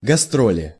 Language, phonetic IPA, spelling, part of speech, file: Russian, [ɡɐˈstrolʲɪ], гастроли, noun, Ru-гастроли.ogg
- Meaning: inflection of гастро́ль (gastrólʹ): 1. genitive/dative/prepositional singular 2. nominative/accusative plural